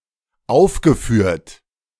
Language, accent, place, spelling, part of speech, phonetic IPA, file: German, Germany, Berlin, aufgeführt, verb, [ˈaʊ̯fɡəˌfyːɐ̯t], De-aufgeführt.ogg
- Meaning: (verb) past participle of aufführen; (adjective) 1. performed, enacted 2. listed, specified